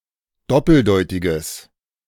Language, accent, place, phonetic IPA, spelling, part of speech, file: German, Germany, Berlin, [ˈdɔpl̩ˌdɔɪ̯tɪɡəs], doppeldeutiges, adjective, De-doppeldeutiges.ogg
- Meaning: strong/mixed nominative/accusative neuter singular of doppeldeutig